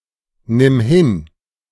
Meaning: singular imperative of hinnehmen
- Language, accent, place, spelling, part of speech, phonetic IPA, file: German, Germany, Berlin, nimm hin, verb, [ˌnɪm ˈhɪn], De-nimm hin.ogg